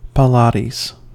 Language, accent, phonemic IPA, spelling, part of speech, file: English, US, /pɪˈlɑːtiːz/, Pilates, noun, En-us-Pilates.ogg
- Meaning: A physical fitness system developed in the early 20th century by Joseph Pilates